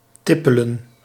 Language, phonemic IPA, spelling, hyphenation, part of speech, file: Dutch, /ˈtɪ.pə.lə(n)/, tippelen, tip‧pe‧len, verb, Nl-tippelen.ogg
- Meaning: 1. to walk (often briskly) 2. to solicit out on the street 3. to be interested [with op ‘in’], to be attracted 4. to steal 5. to fall